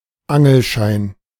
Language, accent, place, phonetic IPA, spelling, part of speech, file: German, Germany, Berlin, [ˈaŋl̩ˌʃaɪ̯n], Angelschein, noun, De-Angelschein.ogg
- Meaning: fishing licence